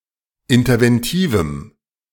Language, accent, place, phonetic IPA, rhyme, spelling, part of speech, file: German, Germany, Berlin, [ɪntɐvɛnˈtiːvm̩], -iːvm̩, interventivem, adjective, De-interventivem.ogg
- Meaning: strong dative masculine/neuter singular of interventiv